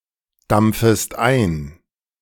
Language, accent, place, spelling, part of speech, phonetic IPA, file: German, Germany, Berlin, dampfest ein, verb, [ˌdamp͡fəst ˈaɪ̯n], De-dampfest ein.ogg
- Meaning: second-person singular subjunctive I of eindampfen